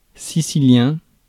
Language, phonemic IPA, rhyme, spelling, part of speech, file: French, /si.si.ljɛ̃/, -ɛ̃, sicilien, adjective / noun, Fr-sicilien.ogg
- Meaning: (adjective) Sicilian (of, from or relating to Sicily, Italy); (noun) Sicilian (the Sicilian language)